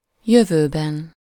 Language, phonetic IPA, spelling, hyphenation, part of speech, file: Hungarian, [ˈjøvøːbɛn], jövőben, jö‧vő‧ben, noun, Hu-jövőben.ogg
- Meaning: inessive singular of jövő